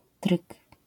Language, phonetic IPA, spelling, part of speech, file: Polish, [trɨk], tryk, noun, LL-Q809 (pol)-tryk.wav